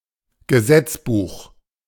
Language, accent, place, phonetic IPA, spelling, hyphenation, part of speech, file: German, Germany, Berlin, [ɡəˈzɛt͡sˌbuːx], Gesetzbuch, Ge‧setz‧buch, noun, De-Gesetzbuch.ogg
- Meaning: code